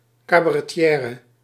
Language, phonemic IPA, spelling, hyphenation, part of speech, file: Dutch, /ˌkaː.baː.rɛˈtjɛː.rə/, cabaretière, ca‧ba‧re‧ti‧è‧re, noun, Nl-cabaretière.ogg
- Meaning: female cabaret performer